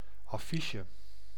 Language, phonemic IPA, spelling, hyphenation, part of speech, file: Dutch, /ˌɑˈfi.ʃə/, affiche, af‧fi‧che, noun, Nl-affiche.ogg
- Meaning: a placard, a poster containing an announcement or promotional information hung in a public space